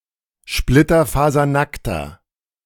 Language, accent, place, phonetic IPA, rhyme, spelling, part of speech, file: German, Germany, Berlin, [ˌʃplɪtɐfaːzɐˈnaktɐ], -aktɐ, splitterfasernackter, adjective, De-splitterfasernackter.ogg
- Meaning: inflection of splitterfasernackt: 1. strong/mixed nominative masculine singular 2. strong genitive/dative feminine singular 3. strong genitive plural